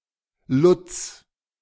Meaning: a diminutive of the male given names Ludwig and Ludger
- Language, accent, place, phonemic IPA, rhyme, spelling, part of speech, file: German, Germany, Berlin, /lʊt͡s/, -ʊt͡s, Lutz, proper noun, De-Lutz.ogg